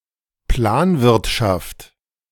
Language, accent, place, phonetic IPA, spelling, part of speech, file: German, Germany, Berlin, [ˈplaːnˌvɪʁtʃaft], Planwirtschaft, noun, De-Planwirtschaft.ogg
- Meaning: planned economy